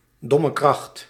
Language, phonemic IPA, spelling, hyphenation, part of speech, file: Dutch, /ˌdɔ.məˈkrɑxt/, dommekracht, dom‧me‧kracht, noun, Nl-dommekracht.ogg
- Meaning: 1. a jack suited for lifting heavy loads 2. dumb strong person, similar to gorilla